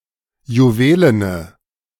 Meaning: inflection of juwelen: 1. strong/mixed nominative/accusative feminine singular 2. strong nominative/accusative plural 3. weak nominative all-gender singular 4. weak accusative feminine/neuter singular
- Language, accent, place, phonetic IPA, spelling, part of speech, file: German, Germany, Berlin, [juˈveːlənə], juwelene, adjective, De-juwelene.ogg